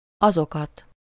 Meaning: accusative plural of az
- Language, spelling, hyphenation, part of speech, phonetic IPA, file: Hungarian, azokat, azo‧kat, pronoun, [ˈɒzokɒt], Hu-azokat.ogg